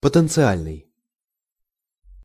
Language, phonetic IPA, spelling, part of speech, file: Russian, [pətɨnt͡sɨˈalʲnɨj], потенциальный, adjective, Ru-потенциальный.ogg
- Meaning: potential